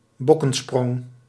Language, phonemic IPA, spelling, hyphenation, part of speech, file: Dutch, /ˈbɔ.kə(n)ˌsprɔŋ/, bokkensprong, bok‧ken‧sprong, noun, Nl-bokkensprong.ogg
- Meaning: 1. caper, capriole 2. odd manoeuvre, eccentric or strange action